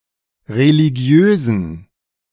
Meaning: inflection of religiös: 1. strong genitive masculine/neuter singular 2. weak/mixed genitive/dative all-gender singular 3. strong/weak/mixed accusative masculine singular 4. strong dative plural
- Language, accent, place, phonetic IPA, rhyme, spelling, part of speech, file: German, Germany, Berlin, [ʁeliˈɡi̯øːzn̩], -øːzn̩, religiösen, adjective, De-religiösen.ogg